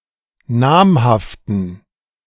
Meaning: inflection of namhaft: 1. strong genitive masculine/neuter singular 2. weak/mixed genitive/dative all-gender singular 3. strong/weak/mixed accusative masculine singular 4. strong dative plural
- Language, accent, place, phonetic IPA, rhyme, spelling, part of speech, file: German, Germany, Berlin, [ˈnaːmhaftn̩], -aːmhaftn̩, namhaften, adjective, De-namhaften.ogg